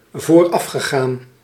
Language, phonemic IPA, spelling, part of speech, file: Dutch, /vorˈɑfxəɣan/, voorafgegaan, verb / adjective, Nl-voorafgegaan.ogg
- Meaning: past participle of voorafgaan